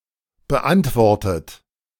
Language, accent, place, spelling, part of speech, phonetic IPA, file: German, Germany, Berlin, beantwortet, adjective / verb, [bəˈʔantvɔʁtət], De-beantwortet.ogg
- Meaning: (verb) past participle of beantworten; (adjective) answered